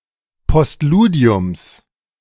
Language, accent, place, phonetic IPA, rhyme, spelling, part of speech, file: German, Germany, Berlin, [pɔstˈluːdi̯ʊms], -uːdi̯ʊms, Postludiums, noun, De-Postludiums.ogg
- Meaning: genitive of Postludium